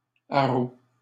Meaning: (interjection) 1. cry for help 2. cry of a huntsman to excite the hounds; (noun) 1. hue (cry) 2. outcry, public warning, mass denunciation
- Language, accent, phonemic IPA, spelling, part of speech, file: French, Canada, /a.ʁo/, haro, interjection / noun, LL-Q150 (fra)-haro.wav